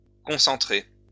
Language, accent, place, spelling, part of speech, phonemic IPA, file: French, France, Lyon, concentrés, verb, /kɔ̃.sɑ̃.tʁe/, LL-Q150 (fra)-concentrés.wav
- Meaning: masculine plural of concentré